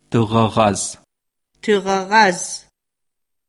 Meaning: December
- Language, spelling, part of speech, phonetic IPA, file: Adyghe, тыгъэгъэзэмаз, noun, [təʁaʁazamaːz], CircassianMonth12.ogg